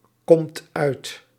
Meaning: inflection of uitkomen: 1. second/third-person singular present indicative 2. plural imperative
- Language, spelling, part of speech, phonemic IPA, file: Dutch, komt uit, verb, /ˈkɔmt ˈœyt/, Nl-komt uit.ogg